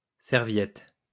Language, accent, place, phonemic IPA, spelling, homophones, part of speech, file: French, France, Lyon, /sɛʁ.vjɛt/, serviettes, serviette, noun, LL-Q150 (fra)-serviettes.wav
- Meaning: plural of serviette